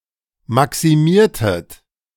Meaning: inflection of maximieren: 1. second-person plural preterite 2. second-person plural subjunctive II
- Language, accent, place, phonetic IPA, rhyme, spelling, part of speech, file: German, Germany, Berlin, [ˌmaksiˈmiːɐ̯tət], -iːɐ̯tət, maximiertet, verb, De-maximiertet.ogg